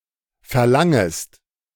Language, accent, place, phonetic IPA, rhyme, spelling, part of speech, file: German, Germany, Berlin, [fɛɐ̯ˈlaŋəst], -aŋəst, verlangest, verb, De-verlangest.ogg
- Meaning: second-person singular subjunctive I of verlangen